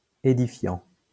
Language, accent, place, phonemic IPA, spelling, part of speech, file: French, France, Lyon, /e.di.fjɑ̃/, ædifiant, verb, LL-Q150 (fra)-ædifiant.wav
- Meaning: present participle of ædifier